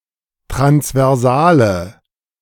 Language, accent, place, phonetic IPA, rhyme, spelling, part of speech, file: German, Germany, Berlin, [tʁansvɛʁˈzaːlə], -aːlə, transversale, adjective, De-transversale.ogg
- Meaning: inflection of transversal: 1. strong/mixed nominative/accusative feminine singular 2. strong nominative/accusative plural 3. weak nominative all-gender singular